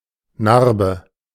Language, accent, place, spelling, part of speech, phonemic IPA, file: German, Germany, Berlin, Narbe, noun, /ˈnarbə/, De-Narbe.ogg
- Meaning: 1. scar 2. stigma 3. sod, turf, sward (the upper part/the surface of a lawn)